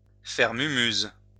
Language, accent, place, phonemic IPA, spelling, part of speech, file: French, France, Lyon, /fɛʁ my.myz/, faire mumuse, verb, LL-Q150 (fra)-faire mumuse.wav
- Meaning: to play around